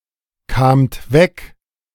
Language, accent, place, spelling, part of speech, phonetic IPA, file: German, Germany, Berlin, kamt weg, verb, [ˌkaːmt ˈvɛk], De-kamt weg.ogg
- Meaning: second-person plural preterite of wegkommen